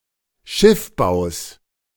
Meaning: genitive singular of Schiffbau
- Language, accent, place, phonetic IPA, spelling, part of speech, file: German, Germany, Berlin, [ˈʃɪfˌbaʊ̯s], Schiffbaus, noun, De-Schiffbaus.ogg